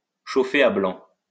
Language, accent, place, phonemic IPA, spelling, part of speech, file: French, France, Lyon, /ʃo.fe a blɑ̃/, chauffer à blanc, verb, LL-Q150 (fra)-chauffer à blanc.wav
- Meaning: 1. to make white-hot, to bring to a white heat 2. to ignite